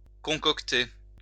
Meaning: to concoct
- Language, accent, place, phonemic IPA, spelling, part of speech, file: French, France, Lyon, /kɔ̃.kɔk.te/, concocter, verb, LL-Q150 (fra)-concocter.wav